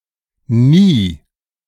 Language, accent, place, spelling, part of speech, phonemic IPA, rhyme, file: German, Germany, Berlin, nie, adverb, /niː/, -iː, De-nie.ogg
- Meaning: 1. never, never at all (referring to an indefinite period of time) 2. never, not once (referring to a defined period of time; see usage notes below)